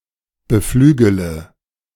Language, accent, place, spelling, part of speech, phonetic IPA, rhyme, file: German, Germany, Berlin, beflügele, verb, [bəˈflyːɡələ], -yːɡələ, De-beflügele.ogg
- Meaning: inflection of beflügeln: 1. first-person singular present 2. first-person plural subjunctive I 3. third-person singular subjunctive I 4. singular imperative